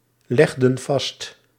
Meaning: inflection of vastleggen: 1. plural past indicative 2. plural past subjunctive
- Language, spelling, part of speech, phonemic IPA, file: Dutch, legden vast, verb, /ˈlɛɣdə(n) ˈvɑst/, Nl-legden vast.ogg